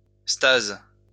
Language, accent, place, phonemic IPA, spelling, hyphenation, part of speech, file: French, France, Lyon, /staz/, stase, stase, noun, LL-Q150 (fra)-stase.wav
- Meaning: stasis (inactivity)